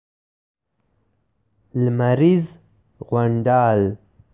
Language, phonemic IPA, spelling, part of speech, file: Pashto, /lməriz ɣonɖɑl/, لمريز غونډال, noun, لمريز غونډال.ogg
- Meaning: solar system